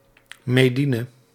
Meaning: Jewish communities in the Netherlands outside Amsterdam; the provinces, hinterland
- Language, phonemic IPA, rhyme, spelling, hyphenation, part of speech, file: Dutch, /məˈdi.nə/, -inə, mediene, me‧die‧ne, noun, Nl-mediene.ogg